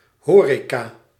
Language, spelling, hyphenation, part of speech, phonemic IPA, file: Dutch, horeca, ho‧re‧ca, noun, /ˈɦoːreːkaː/, Nl-horeca.ogg
- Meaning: the hotel and catering industry